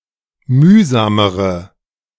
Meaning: inflection of mühsam: 1. strong/mixed nominative/accusative feminine singular comparative degree 2. strong nominative/accusative plural comparative degree
- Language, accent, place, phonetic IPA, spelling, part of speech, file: German, Germany, Berlin, [ˈmyːzaːməʁə], mühsamere, adjective, De-mühsamere.ogg